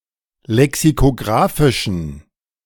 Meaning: inflection of lexikographisch: 1. strong genitive masculine/neuter singular 2. weak/mixed genitive/dative all-gender singular 3. strong/weak/mixed accusative masculine singular 4. strong dative plural
- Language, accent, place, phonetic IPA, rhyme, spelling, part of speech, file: German, Germany, Berlin, [lɛksikoˈɡʁaːfɪʃn̩], -aːfɪʃn̩, lexikographischen, adjective, De-lexikographischen.ogg